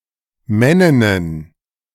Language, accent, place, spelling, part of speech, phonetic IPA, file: German, Germany, Berlin, Männinnen, noun, [ˈmɛnɪnən], De-Männinnen.ogg
- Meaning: plural of Männin